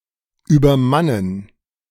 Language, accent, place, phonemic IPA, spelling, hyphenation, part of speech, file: German, Germany, Berlin, /yːbɐˈmanən/, übermannen, über‧man‧nen, verb, De-übermannen.ogg
- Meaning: 1. to overpower 2. to overwhelm